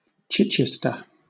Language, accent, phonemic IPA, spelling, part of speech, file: English, Southern England, /ˈt͡ʃɪt͡ʃɪstə/, Chichester, proper noun, LL-Q1860 (eng)-Chichester.wav
- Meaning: 1. A cathedral city and civil parish in West Sussex, England (OS grid ref SU8504) 2. A local government district in western West Sussex, with its headquarters in the city